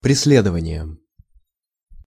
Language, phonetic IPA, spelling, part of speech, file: Russian, [prʲɪs⁽ʲ⁾ˈlʲedəvənʲɪjəm], преследованиям, noun, Ru-преследованиям.ogg
- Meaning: dative plural of пресле́дование (preslédovanije)